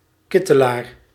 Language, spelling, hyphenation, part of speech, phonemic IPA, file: Dutch, kittelaar, kit‧te‧laar, noun, /ˈkɪ.təˌlaːr/, Nl-kittelaar.ogg
- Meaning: clitoris